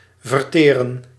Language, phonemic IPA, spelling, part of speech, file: Dutch, /vərˈteː.rə(n)/, verteren, verb, Nl-verteren.ogg
- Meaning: 1. to digest 2. to spend, consume